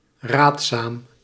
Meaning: advisable
- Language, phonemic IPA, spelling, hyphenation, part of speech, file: Dutch, /ˈraːt.saːm/, raadzaam, raad‧zaam, adjective, Nl-raadzaam.ogg